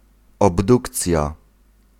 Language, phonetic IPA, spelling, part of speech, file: Polish, [ɔbˈdukt͡sʲja], obdukcja, noun, Pl-obdukcja.ogg